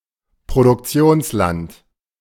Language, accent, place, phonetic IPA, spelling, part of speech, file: German, Germany, Berlin, [pʁodʊkˈt͡si̯oːnsˌlant], Produktionsland, noun, De-Produktionsland.ogg
- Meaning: country of production